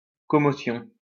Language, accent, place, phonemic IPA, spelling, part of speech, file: French, France, Lyon, /kɔ.mɔ.sjɔ̃/, commotion, noun, LL-Q150 (fra)-commotion.wav
- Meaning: 1. a violent collision or shock; concussion 2. shock, surprise